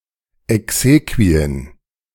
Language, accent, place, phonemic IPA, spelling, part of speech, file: German, Germany, Berlin, /ɛkˈseː.kvi.ən/, Exequien, noun, De-Exequien.ogg
- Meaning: exequies, funeral rites, generally consisting of Mass, procession, and burial (not including non-liturgical parts of the funeral, such as the usual reception)